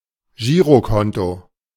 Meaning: checking account
- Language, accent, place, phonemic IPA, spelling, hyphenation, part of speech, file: German, Germany, Berlin, /ˈʒiːʁoˌkɔnto/, Girokonto, Gi‧ro‧kon‧to, noun, De-Girokonto.ogg